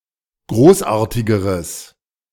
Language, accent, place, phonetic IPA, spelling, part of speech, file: German, Germany, Berlin, [ˈɡʁoːsˌʔaːɐ̯tɪɡəʁəs], großartigeres, adjective, De-großartigeres.ogg
- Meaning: strong/mixed nominative/accusative neuter singular comparative degree of großartig